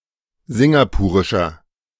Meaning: inflection of singapurisch: 1. strong/mixed nominative masculine singular 2. strong genitive/dative feminine singular 3. strong genitive plural
- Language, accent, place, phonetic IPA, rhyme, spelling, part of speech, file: German, Germany, Berlin, [ˈzɪŋɡapuːʁɪʃɐ], -uːʁɪʃɐ, singapurischer, adjective, De-singapurischer.ogg